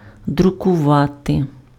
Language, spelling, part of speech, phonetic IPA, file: Ukrainian, друкувати, verb, [drʊkʊˈʋate], Uk-друкувати.ogg
- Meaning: 1. to print (to produce one or more copies of a text or image on a surface, especially by machine) 2. to print (to publish in a book, newspaper, etc.)